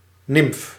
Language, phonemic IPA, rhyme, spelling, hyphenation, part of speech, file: Dutch, /nɪmf/, -ɪmf, nimf, nimf, noun, Nl-nimf.ogg
- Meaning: 1. nymph, female lesser divinity of nature 2. a desirable young woman 3. nymph, juvenile form of a hemimetabolous insect